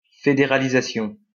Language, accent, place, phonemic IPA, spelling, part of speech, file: French, France, Lyon, /fe.de.ʁa.li.za.sjɔ̃/, fédéralisation, noun, LL-Q150 (fra)-fédéralisation.wav
- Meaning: federalization